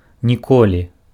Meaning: never
- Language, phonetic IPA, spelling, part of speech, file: Belarusian, [nʲiˈkolʲi], ніколі, adverb, Be-ніколі.ogg